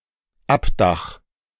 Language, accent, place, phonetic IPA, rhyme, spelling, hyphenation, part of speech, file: German, Germany, Berlin, [ˈapˌdax], -ax, Abdach, Ab‧dach, noun, De-Abdach.ogg
- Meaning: canopy